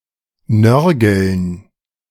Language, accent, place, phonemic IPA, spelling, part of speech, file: German, Germany, Berlin, /ˈnœʁɡl̩n/, nörgeln, verb, De-nörgeln.ogg
- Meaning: to nag, grumble